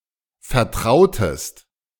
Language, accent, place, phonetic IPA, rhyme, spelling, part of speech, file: German, Germany, Berlin, [fɛɐ̯ˈtʁaʊ̯təst], -aʊ̯təst, vertrautest, verb, De-vertrautest.ogg
- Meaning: inflection of vertrauen: 1. second-person singular preterite 2. second-person singular subjunctive II